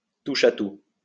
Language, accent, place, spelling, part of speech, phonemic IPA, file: French, France, Lyon, touche-à-tout, noun, /tu.ʃa.tu/, LL-Q150 (fra)-touche-à-tout.wav
- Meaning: jack of all trades